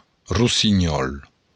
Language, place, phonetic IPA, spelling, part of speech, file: Occitan, Béarn, [rusiˈɲɔl], rossinhòl, noun, LL-Q14185 (oci)-rossinhòl.wav
- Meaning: nightingale